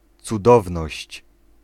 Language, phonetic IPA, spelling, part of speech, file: Polish, [t͡suˈdɔvnɔɕt͡ɕ], cudowność, noun, Pl-cudowność.ogg